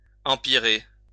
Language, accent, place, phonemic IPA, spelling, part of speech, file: French, France, Lyon, /ɑ̃.pi.ʁe/, empirer, verb, LL-Q150 (fra)-empirer.wav
- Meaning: to worsen